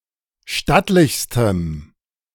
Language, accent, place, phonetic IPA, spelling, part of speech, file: German, Germany, Berlin, [ˈʃtatlɪçstəm], stattlichstem, adjective, De-stattlichstem.ogg
- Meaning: strong dative masculine/neuter singular superlative degree of stattlich